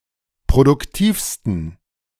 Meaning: 1. superlative degree of produktiv 2. inflection of produktiv: strong genitive masculine/neuter singular superlative degree
- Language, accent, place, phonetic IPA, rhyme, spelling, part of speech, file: German, Germany, Berlin, [pʁodʊkˈtiːfstn̩], -iːfstn̩, produktivsten, adjective, De-produktivsten.ogg